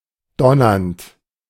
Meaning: present participle of donnern
- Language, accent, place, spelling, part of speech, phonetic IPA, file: German, Germany, Berlin, donnernd, verb, [ˈdɔnɐnt], De-donnernd.ogg